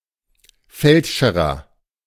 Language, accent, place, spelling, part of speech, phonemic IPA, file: German, Germany, Berlin, Feldscherer, noun, /ˈfɛltˌʃeːʁɐ/, De-Feldscherer.ogg
- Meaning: obsolete form of Feldscher